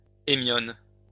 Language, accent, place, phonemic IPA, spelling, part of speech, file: French, France, Lyon, /e.mjɔn/, hémione, noun, LL-Q150 (fra)-hémione.wav
- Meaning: hemione, onager